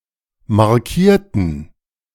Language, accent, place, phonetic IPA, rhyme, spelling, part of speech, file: German, Germany, Berlin, [maʁˈkiːɐ̯tn̩], -iːɐ̯tn̩, markierten, adjective / verb, De-markierten.ogg
- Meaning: inflection of markieren: 1. first/third-person plural preterite 2. first/third-person plural subjunctive II